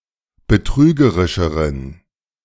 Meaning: inflection of betrügerisch: 1. strong genitive masculine/neuter singular comparative degree 2. weak/mixed genitive/dative all-gender singular comparative degree
- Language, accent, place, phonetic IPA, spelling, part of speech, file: German, Germany, Berlin, [bəˈtʁyːɡəʁɪʃəʁən], betrügerischeren, adjective, De-betrügerischeren.ogg